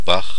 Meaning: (noun) brook, stream; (proper noun) 1. any of a great number of locations, including 2. any of a great number of locations, including: a municipality of Tyrol, Austria
- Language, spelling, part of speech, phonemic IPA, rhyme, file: German, Bach, noun / proper noun, /bax/, -ax, De-Bach.ogg